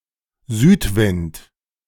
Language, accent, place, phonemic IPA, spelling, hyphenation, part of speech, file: German, Germany, Berlin, /ˈzyːtˌvɪnt/, Südwind, Süd‧wind, noun, De-Südwind.ogg
- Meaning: south wind